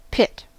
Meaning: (noun) 1. A hole in the ground 2. An area at a racetrack used for refueling and repairing the vehicles during a race
- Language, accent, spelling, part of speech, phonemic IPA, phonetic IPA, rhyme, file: English, General American, pit, noun / verb, /pɪt/, [pʰɪʔt], -ɪt, En-us-pit.ogg